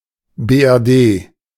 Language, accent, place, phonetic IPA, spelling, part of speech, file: German, Germany, Berlin, [ˌbeːʔɛʁˈdeː], BRD, abbreviation, De-BRD.ogg
- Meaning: initialism of Bundesrepublik Deutschland (“Federal Republic of Germany”)